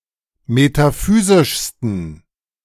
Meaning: 1. superlative degree of metaphysisch 2. inflection of metaphysisch: strong genitive masculine/neuter singular superlative degree
- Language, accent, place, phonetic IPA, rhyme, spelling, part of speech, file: German, Germany, Berlin, [metaˈfyːzɪʃstn̩], -yːzɪʃstn̩, metaphysischsten, adjective, De-metaphysischsten.ogg